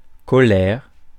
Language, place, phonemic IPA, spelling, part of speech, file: French, Paris, /kɔ.lɛʁ/, colère, noun, Fr-colère.ogg
- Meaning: 1. anger, rage 2. wrath